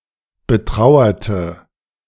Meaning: inflection of betrauern: 1. first/third-person singular preterite 2. first/third-person singular subjunctive II
- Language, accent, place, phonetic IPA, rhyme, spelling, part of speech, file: German, Germany, Berlin, [bəˈtʁaʊ̯ɐtə], -aʊ̯ɐtə, betrauerte, adjective / verb, De-betrauerte.ogg